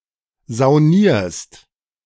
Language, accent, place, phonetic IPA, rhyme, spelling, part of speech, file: German, Germany, Berlin, [zaʊ̯ˈniːɐ̯st], -iːɐ̯st, saunierst, verb, De-saunierst.ogg
- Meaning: second-person singular present of saunieren